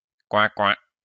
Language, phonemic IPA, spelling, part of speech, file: French, /kwɛ̃.kwɛ̃/, coincoin, interjection / noun, LL-Q150 (fra)-coincoin.wav
- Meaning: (interjection) quack quack (cry of a duck); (noun) 1. cootie catcher 2. charlatan